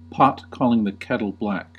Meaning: A situation in which somebody comments on or accuses someone else of a fault which the accuser shares
- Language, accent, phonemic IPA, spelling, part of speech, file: English, US, /ˈpɑt ˈkɔliŋ ðə ˈkɛtl̩ ˈblæk/, pot calling the kettle black, noun, En-us-pot calling the kettle black.ogg